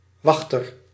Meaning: 1. a guard, a sentinel 2. one who waits
- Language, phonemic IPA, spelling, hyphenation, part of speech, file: Dutch, /ˈʋɑx.tər/, wachter, wach‧ter, noun, Nl-wachter.ogg